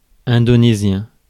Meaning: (adjective) Indonesian; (noun) Indonesian (language)
- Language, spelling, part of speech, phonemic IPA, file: French, indonésien, adjective / noun, /ɛ̃.dɔ.ne.zjɛ̃/, Fr-indonésien.ogg